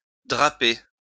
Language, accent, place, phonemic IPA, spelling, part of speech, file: French, France, Lyon, /dʁa.pe/, draper, verb, LL-Q150 (fra)-draper.wav
- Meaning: to drape